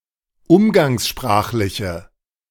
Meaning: inflection of umgangssprachlich: 1. strong/mixed nominative/accusative feminine singular 2. strong nominative/accusative plural 3. weak nominative all-gender singular
- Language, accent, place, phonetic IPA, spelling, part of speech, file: German, Germany, Berlin, [ˈʊmɡaŋsˌʃpʁaːxlɪçə], umgangssprachliche, adjective, De-umgangssprachliche.ogg